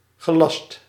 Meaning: 1. past participle of gelasten 2. past participle of lassen
- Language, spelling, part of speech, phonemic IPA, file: Dutch, gelast, verb, /ɣəˈlɑst/, Nl-gelast.ogg